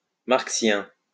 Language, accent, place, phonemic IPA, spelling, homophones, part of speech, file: French, France, Lyon, /maʁk.sjɛ̃/, marxien, marxiens, adjective, LL-Q150 (fra)-marxien.wav
- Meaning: Marxian